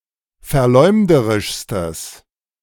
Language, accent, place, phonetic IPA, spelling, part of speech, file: German, Germany, Berlin, [fɛɐ̯ˈlɔɪ̯mdəʁɪʃstəs], verleumderischstes, adjective, De-verleumderischstes.ogg
- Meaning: strong/mixed nominative/accusative neuter singular superlative degree of verleumderisch